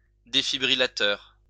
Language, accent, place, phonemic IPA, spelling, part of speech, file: French, France, Lyon, /de.fi.bʁi.la.tœʁ/, défibrillateur, noun, LL-Q150 (fra)-défibrillateur.wav
- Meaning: defibrillator